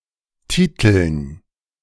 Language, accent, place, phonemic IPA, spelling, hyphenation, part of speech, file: German, Germany, Berlin, /ˈtiːtəln/, titeln, ti‧teln, verb, De-titeln.ogg
- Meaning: 1. to publish a story under a specified headline 2. to entitle (give a title to)